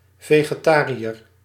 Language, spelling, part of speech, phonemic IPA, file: Dutch, vegetariër, noun, /ˌveɣeˈtarijər/, Nl-vegetariër.ogg
- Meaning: a vegetarian